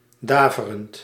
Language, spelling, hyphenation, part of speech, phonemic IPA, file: Dutch, daverend, da‧ve‧rend, adjective / verb, /ˈdaːvərənt/, Nl-daverend.ogg
- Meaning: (adjective) resounding, tremendous, enormous; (verb) present participle of daveren